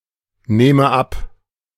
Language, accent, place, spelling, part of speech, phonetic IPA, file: German, Germany, Berlin, nehme ab, verb, [ˌneːmə ˈap], De-nehme ab.ogg
- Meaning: inflection of abnehmen: 1. first-person singular present 2. first/third-person singular subjunctive I